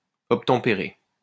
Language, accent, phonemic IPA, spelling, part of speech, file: French, France, /ɔp.tɑ̃.pe.ʁe/, obtempérer, verb, LL-Q150 (fra)-obtempérer.wav
- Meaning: 1. to obey 2. to comply with, to abide by